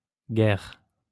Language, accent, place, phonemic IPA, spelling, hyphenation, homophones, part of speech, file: French, France, Lyon, /ɡɛʁ/, guerres, guerres, guerre / guère, noun, LL-Q150 (fra)-guerres.wav
- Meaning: plural of guerre